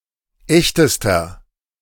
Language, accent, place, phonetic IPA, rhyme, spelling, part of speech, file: German, Germany, Berlin, [ˈɛçtəstɐ], -ɛçtəstɐ, echtester, adjective, De-echtester.ogg
- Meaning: inflection of echt: 1. strong/mixed nominative masculine singular superlative degree 2. strong genitive/dative feminine singular superlative degree 3. strong genitive plural superlative degree